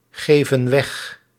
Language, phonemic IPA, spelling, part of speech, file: Dutch, /ˈɣevə(n) ˈwɛx/, geven weg, verb, Nl-geven weg.ogg
- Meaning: inflection of weggeven: 1. plural present indicative 2. plural present subjunctive